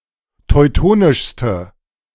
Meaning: inflection of teutonisch: 1. strong/mixed nominative/accusative feminine singular superlative degree 2. strong nominative/accusative plural superlative degree
- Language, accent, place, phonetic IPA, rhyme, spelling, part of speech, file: German, Germany, Berlin, [tɔɪ̯ˈtoːnɪʃstə], -oːnɪʃstə, teutonischste, adjective, De-teutonischste.ogg